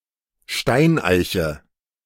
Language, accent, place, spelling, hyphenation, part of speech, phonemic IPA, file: German, Germany, Berlin, Steineiche, Stein‧ei‧che, noun, /ˈʃtaɪ̯nˌʔaɪ̯çə/, De-Steineiche.ogg
- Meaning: holm oak, holly oak (Quercus ilex)